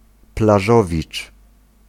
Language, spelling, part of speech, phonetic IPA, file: Polish, plażowicz, noun, [plaˈʒɔvʲit͡ʃ], Pl-plażowicz.ogg